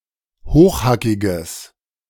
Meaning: strong/mixed nominative/accusative neuter singular of hochhackig
- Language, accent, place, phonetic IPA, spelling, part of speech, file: German, Germany, Berlin, [ˈhoːxˌhakɪɡəs], hochhackiges, adjective, De-hochhackiges.ogg